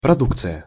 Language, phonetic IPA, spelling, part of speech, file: Russian, [prɐˈdukt͡sɨjə], продукция, noun, Ru-продукция.ogg
- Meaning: production, product(s), commodity, output